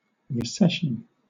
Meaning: 1. The act or an instance of receding or withdrawing 2. A period of low temperatures that causes a reduction in species; ice age 3. A period of reduced economic activity
- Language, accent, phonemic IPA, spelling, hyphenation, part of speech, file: English, Southern England, /ɹɪˈsɛʃn̩/, recession, re‧ces‧sion, noun, LL-Q1860 (eng)-recession.wav